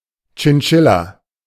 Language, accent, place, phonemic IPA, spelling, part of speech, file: German, Germany, Berlin, /tʃɪnˈtʃɪla/, Chinchilla, noun, De-Chinchilla.ogg
- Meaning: 1. chinchilla (rodent) 2. chinchilla rabbit (three separate breeds) 3. chinchilla (fur)